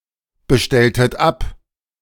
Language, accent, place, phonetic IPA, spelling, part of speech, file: German, Germany, Berlin, [bəˌʃtɛltət ˈap], bestelltet ab, verb, De-bestelltet ab.ogg
- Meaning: inflection of abbestellen: 1. second-person plural preterite 2. second-person plural subjunctive II